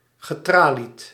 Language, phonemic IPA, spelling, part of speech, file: Dutch, /ɣəˈtralit/, getralied, adjective / verb, Nl-getralied.ogg
- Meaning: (adjective) grilled (window etc...); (verb) past participle of traliën